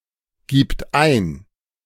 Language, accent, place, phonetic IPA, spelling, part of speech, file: German, Germany, Berlin, [ˌɡiːpt ˈaɪ̯n], gibt ein, verb, De-gibt ein.ogg
- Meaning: third-person singular present of eingeben